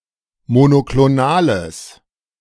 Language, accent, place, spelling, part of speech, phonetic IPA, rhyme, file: German, Germany, Berlin, monoklonales, adjective, [monokloˈnaːləs], -aːləs, De-monoklonales.ogg
- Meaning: strong/mixed nominative/accusative neuter singular of monoklonal